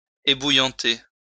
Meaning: to scald (to burn with hot fluid)
- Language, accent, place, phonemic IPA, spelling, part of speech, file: French, France, Lyon, /e.bu.jɑ̃.te/, ébouillanter, verb, LL-Q150 (fra)-ébouillanter.wav